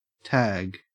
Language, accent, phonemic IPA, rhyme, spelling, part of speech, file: English, Australia, /tæːɡ/, -æɡ, tag, noun / verb, En-au-tag.ogg
- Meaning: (noun) Physical appendage.: 1. A small label 2. A skin tag, an excrescence of skin 3. A dangling lock of sheep's wool, matted with dung; a dung tag